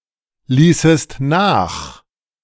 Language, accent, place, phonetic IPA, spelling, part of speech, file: German, Germany, Berlin, [ˌliːsəst ˈnaːx], ließest nach, verb, De-ließest nach.ogg
- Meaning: second-person singular subjunctive II of nachlassen